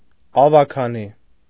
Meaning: 1. nobility, grandees 2. Council of Aldermen (body of local self-government in Armenia) 3. alderman, a member of the Council of Aldermen (body of local self-government in Armenia)
- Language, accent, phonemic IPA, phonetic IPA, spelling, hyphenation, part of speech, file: Armenian, Eastern Armenian, /ɑvɑkʰɑˈni/, [ɑvɑkʰɑní], ավագանի, ա‧վա‧գա‧նի, noun, Hy-ավագանի.ogg